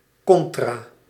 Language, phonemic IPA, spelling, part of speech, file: Dutch, /ˈkɔn.traː/, contra-, prefix, Nl-contra-.ogg
- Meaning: contra-